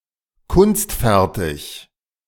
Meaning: skilled, skillful
- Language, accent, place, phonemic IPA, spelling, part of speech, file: German, Germany, Berlin, /ˈkʊnstˌfɛʁtɪç/, kunstfertig, adjective, De-kunstfertig.ogg